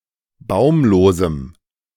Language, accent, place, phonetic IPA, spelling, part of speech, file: German, Germany, Berlin, [ˈbaʊ̯mloːzm̩], baumlosem, adjective, De-baumlosem.ogg
- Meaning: strong dative masculine/neuter singular of baumlos